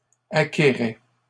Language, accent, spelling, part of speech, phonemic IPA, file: French, Canada, acquérait, verb, /a.ke.ʁɛ/, LL-Q150 (fra)-acquérait.wav
- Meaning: third-person singular imperfect indicative of acquérir